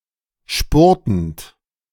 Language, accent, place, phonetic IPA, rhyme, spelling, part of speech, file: German, Germany, Berlin, [ˈʃpʊʁtn̩t], -ʊʁtn̩t, spurtend, verb, De-spurtend.ogg
- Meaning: present participle of spurten